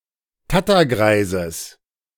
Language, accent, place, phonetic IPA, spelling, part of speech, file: German, Germany, Berlin, [ˈtatɐˌɡʁaɪ̯zəs], Tattergreises, noun, De-Tattergreises.ogg
- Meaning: genitive of Tattergreis